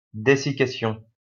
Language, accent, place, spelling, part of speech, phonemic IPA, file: French, France, Lyon, dessiccation, noun, /de.si.ka.sjɔ̃/, LL-Q150 (fra)-dessiccation.wav
- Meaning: desiccation